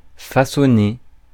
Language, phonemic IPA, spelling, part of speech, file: French, /fa.sɔ.ne/, façonner, verb, Fr-façonner.ogg
- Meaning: 1. to work on, to shape, notably with tool(s); to fashion 2. to educate morally, spiritually 3. to perform labor